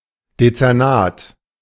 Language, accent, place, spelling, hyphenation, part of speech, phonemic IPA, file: German, Germany, Berlin, Dezernat, De‧zer‧nat, noun, /det͡sɛʁˈnaːt/, De-Dezernat.ogg
- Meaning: department (especially of a government, institution, or administration entity such as a police, a city government, or a university)